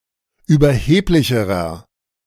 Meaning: inflection of überheblich: 1. strong/mixed nominative masculine singular comparative degree 2. strong genitive/dative feminine singular comparative degree 3. strong genitive plural comparative degree
- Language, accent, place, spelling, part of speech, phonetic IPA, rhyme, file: German, Germany, Berlin, überheblicherer, adjective, [yːbɐˈheːplɪçəʁɐ], -eːplɪçəʁɐ, De-überheblicherer.ogg